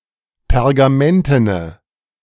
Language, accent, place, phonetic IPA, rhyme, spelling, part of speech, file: German, Germany, Berlin, [pɛʁɡaˈmɛntənə], -ɛntənə, pergamentene, adjective, De-pergamentene.ogg
- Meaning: inflection of pergamenten: 1. strong/mixed nominative/accusative feminine singular 2. strong nominative/accusative plural 3. weak nominative all-gender singular